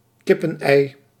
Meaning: a chicken egg
- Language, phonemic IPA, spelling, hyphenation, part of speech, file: Dutch, /ˈkɪ.pə(n)ˌɛi̯/, kippenei, kip‧pen‧ei, noun, Nl-kippenei.ogg